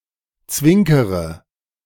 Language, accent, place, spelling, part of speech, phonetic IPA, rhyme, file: German, Germany, Berlin, zwinkere, verb, [ˈt͡svɪŋkəʁə], -ɪŋkəʁə, De-zwinkere.ogg
- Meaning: inflection of zwinkern: 1. first-person singular present 2. first/third-person singular subjunctive I 3. singular imperative